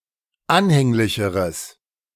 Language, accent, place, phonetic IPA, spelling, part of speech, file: German, Germany, Berlin, [ˈanhɛŋlɪçəʁəs], anhänglicheres, adjective, De-anhänglicheres.ogg
- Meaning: strong/mixed nominative/accusative neuter singular comparative degree of anhänglich